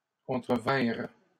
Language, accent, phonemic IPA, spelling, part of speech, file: French, Canada, /kɔ̃.tʁə.vɛ̃ʁ/, contrevinrent, verb, LL-Q150 (fra)-contrevinrent.wav
- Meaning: third-person plural past historic of contrevenir